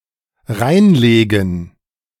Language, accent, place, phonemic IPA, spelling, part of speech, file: German, Germany, Berlin, /ˈʁaɪ̯nˌleːɡən/, reinlegen, verb, De-reinlegen.ogg
- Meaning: 1. alternative form of hineinlegen 2. alternative form of hereinlegen